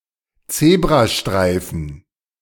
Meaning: 1. zebra stripes 2. zebra crossing
- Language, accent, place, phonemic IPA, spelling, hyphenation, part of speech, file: German, Germany, Berlin, /ˈt͡seːbʁaˌʃtʁaɪ̯fn̩/, Zebrastreifen, Ze‧b‧ra‧strei‧fen, noun, De-Zebrastreifen.ogg